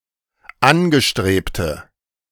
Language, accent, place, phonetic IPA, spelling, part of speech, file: German, Germany, Berlin, [ˈanɡəˌʃtʁeːptə], angestrebte, adjective, De-angestrebte.ogg
- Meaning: inflection of angestrebt: 1. strong/mixed nominative/accusative feminine singular 2. strong nominative/accusative plural 3. weak nominative all-gender singular